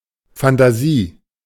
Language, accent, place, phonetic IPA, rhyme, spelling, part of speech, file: German, Germany, Berlin, [fantaˈziː], -iː, Phantasie, noun, De-Phantasie.ogg
- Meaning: alternative spelling of Fantasie